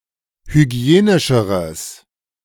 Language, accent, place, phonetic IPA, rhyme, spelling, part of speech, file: German, Germany, Berlin, [hyˈɡi̯eːnɪʃəʁəs], -eːnɪʃəʁəs, hygienischeres, adjective, De-hygienischeres.ogg
- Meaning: strong/mixed nominative/accusative neuter singular comparative degree of hygienisch